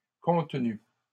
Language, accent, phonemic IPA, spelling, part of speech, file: French, Canada, /kɔ̃t.ny/, contenus, noun / verb, LL-Q150 (fra)-contenus.wav
- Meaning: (noun) plural of contenu; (verb) masculine plural of contenu